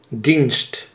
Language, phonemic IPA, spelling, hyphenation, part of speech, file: Dutch, /dinst/, dienst, dienst, noun, Nl-dienst.ogg
- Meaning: 1. service 2. draft